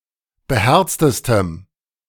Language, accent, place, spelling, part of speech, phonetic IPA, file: German, Germany, Berlin, beherztestem, adjective, [bəˈhɛʁt͡stəstəm], De-beherztestem.ogg
- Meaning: strong dative masculine/neuter singular superlative degree of beherzt